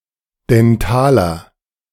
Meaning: inflection of dental: 1. strong/mixed nominative masculine singular 2. strong genitive/dative feminine singular 3. strong genitive plural
- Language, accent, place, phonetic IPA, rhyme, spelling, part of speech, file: German, Germany, Berlin, [dɛnˈtaːlɐ], -aːlɐ, dentaler, adjective, De-dentaler.ogg